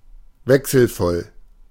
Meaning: changeable, varied, checkered
- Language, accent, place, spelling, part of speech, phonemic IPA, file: German, Germany, Berlin, wechselvoll, adjective, /ˈvɛksl̩ˌfɔl/, De-wechselvoll.ogg